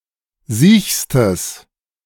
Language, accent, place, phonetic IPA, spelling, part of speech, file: German, Germany, Berlin, [ˈziːçstəs], siechstes, adjective, De-siechstes.ogg
- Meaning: strong/mixed nominative/accusative neuter singular superlative degree of siech